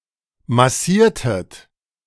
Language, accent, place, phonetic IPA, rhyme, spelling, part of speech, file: German, Germany, Berlin, [maˈsiːɐ̯tət], -iːɐ̯tət, massiertet, verb, De-massiertet.ogg
- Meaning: inflection of massieren: 1. second-person plural preterite 2. second-person plural subjunctive II